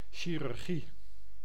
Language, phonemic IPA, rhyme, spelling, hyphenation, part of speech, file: Dutch, /ˌʃi.rʏrˈɣi/, -i, chirurgie, chi‧rur‧gie, noun, Nl-chirurgie.ogg
- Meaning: 1. surgery; a medical operation 2. surgery (branch of medicine)